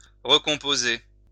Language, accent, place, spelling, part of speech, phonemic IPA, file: French, France, Lyon, recomposer, verb, /ʁə.kɔ̃.po.ze/, LL-Q150 (fra)-recomposer.wav
- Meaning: to reconstruct, reconstitute